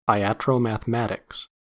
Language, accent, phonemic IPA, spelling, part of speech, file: English, US, /aɪˌæt.ɹoʊ.mæθ.əˈmæt.ɪks/, iatromathematics, noun, En-us-iatromathematics.ogg
- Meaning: A 17th-century Italian doctrine that attempted to apply the laws of mechanics and mathematics to the human body